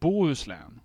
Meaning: Bohuslän or Bahusia, one of Sweden's landskap (“provinces”) along the west coast, north of Göteborg
- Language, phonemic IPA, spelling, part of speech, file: Swedish, /ˈbuːhɵsˌlɛːn/, Bohuslän, proper noun, Sv-Bohuslän.ogg